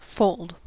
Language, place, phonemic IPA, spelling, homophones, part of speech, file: English, California, /foʊld/, fold, foaled, verb / noun, En-us-fold.ogg
- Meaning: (verb) 1. To bend (any thin material, such as paper) over so that it comes in contact with itself 2. To make the proper arrangement (in a thin material) by bending